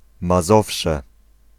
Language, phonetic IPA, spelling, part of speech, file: Polish, [maˈzɔfʃɛ], Mazowsze, proper noun, Pl-Mazowsze.ogg